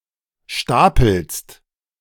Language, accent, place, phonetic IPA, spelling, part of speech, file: German, Germany, Berlin, [ˈʃtaːpl̩st], stapelst, verb, De-stapelst.ogg
- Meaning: second-person singular present of stapeln